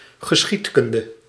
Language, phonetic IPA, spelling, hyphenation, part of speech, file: Dutch, [ɣəˈsxitˌkʏn.də], geschiedkunde, ge‧schied‧kun‧de, noun, Nl-geschiedkunde.ogg
- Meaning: history (the branch of knowledge that studies the past)